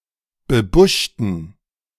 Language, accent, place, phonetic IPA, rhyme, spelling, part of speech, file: German, Germany, Berlin, [bəˈbʊʃtn̩], -ʊʃtn̩, bebuschten, adjective, De-bebuschten.ogg
- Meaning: inflection of bebuscht: 1. strong genitive masculine/neuter singular 2. weak/mixed genitive/dative all-gender singular 3. strong/weak/mixed accusative masculine singular 4. strong dative plural